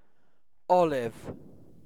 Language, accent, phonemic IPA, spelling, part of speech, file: English, UK, /ˈɒ.lɪv/, olive, noun / adjective, En-uk-olive.ogg
- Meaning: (noun) A tree of species Olea europaea cultivated since ancient times in the Mediterranean for its fruit and the oil obtained from it